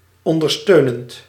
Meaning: present participle of ondersteunen
- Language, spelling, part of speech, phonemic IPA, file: Dutch, ondersteunend, adjective / verb, /ɔndərˈstønənt/, Nl-ondersteunend.ogg